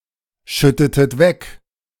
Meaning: inflection of wegschütten: 1. second-person plural preterite 2. second-person plural subjunctive II
- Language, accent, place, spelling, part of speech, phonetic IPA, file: German, Germany, Berlin, schüttetet weg, verb, [ˌʃʏtətət ˈvɛk], De-schüttetet weg.ogg